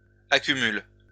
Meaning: second-person singular present indicative/subjunctive of accumuler
- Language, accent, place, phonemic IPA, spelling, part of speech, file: French, France, Lyon, /a.ky.myl/, accumules, verb, LL-Q150 (fra)-accumules.wav